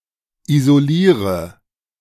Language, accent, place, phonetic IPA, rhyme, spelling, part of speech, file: German, Germany, Berlin, [izoˈliːʁə], -iːʁə, isoliere, verb, De-isoliere.ogg
- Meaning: inflection of isolieren: 1. first-person singular present 2. first/third-person singular subjunctive I 3. singular imperative